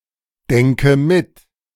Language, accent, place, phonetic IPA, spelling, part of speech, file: German, Germany, Berlin, [ˌdɛŋkə ˈmɪt], denke mit, verb, De-denke mit.ogg
- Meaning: inflection of mitdenken: 1. first-person singular present 2. first/third-person singular subjunctive I 3. singular imperative